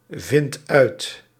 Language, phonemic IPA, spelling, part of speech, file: Dutch, /ˈvɪnt ˈœyt/, vindt uit, verb, Nl-vindt uit.ogg
- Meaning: inflection of uitvinden: 1. second/third-person singular present indicative 2. plural imperative